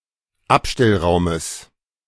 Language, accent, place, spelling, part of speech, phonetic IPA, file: German, Germany, Berlin, Abstellraumes, noun, [ˈapʃtɛlˌʁaʊ̯məs], De-Abstellraumes.ogg
- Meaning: genitive of Abstellraum